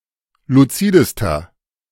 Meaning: inflection of luzid: 1. strong/mixed nominative masculine singular superlative degree 2. strong genitive/dative feminine singular superlative degree 3. strong genitive plural superlative degree
- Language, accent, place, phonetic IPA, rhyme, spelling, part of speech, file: German, Germany, Berlin, [luˈt͡siːdəstɐ], -iːdəstɐ, luzidester, adjective, De-luzidester.ogg